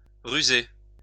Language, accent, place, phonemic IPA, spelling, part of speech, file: French, France, Lyon, /ʁy.ze/, ruser, verb, LL-Q150 (fra)-ruser.wav
- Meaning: to use one's cunning, to be crafty, to beguile